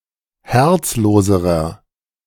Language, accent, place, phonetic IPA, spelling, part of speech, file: German, Germany, Berlin, [ˈhɛʁt͡sˌloːzəʁɐ], herzloserer, adjective, De-herzloserer.ogg
- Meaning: inflection of herzlos: 1. strong/mixed nominative masculine singular comparative degree 2. strong genitive/dative feminine singular comparative degree 3. strong genitive plural comparative degree